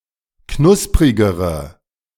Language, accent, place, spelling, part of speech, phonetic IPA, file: German, Germany, Berlin, knusprigere, adjective, [ˈknʊspʁɪɡəʁə], De-knusprigere.ogg
- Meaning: inflection of knusprig: 1. strong/mixed nominative/accusative feminine singular comparative degree 2. strong nominative/accusative plural comparative degree